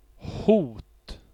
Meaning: threat
- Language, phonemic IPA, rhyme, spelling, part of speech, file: Swedish, /huːt/, -uːt, hot, noun, Sv-hot.ogg